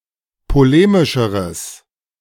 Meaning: strong/mixed nominative/accusative neuter singular comparative degree of polemisch
- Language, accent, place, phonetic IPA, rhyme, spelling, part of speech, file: German, Germany, Berlin, [poˈleːmɪʃəʁəs], -eːmɪʃəʁəs, polemischeres, adjective, De-polemischeres.ogg